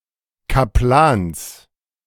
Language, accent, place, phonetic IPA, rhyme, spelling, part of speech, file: German, Germany, Berlin, [kaˈplaːns], -aːns, Kaplans, noun, De-Kaplans.ogg
- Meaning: genitive singular of Kaplan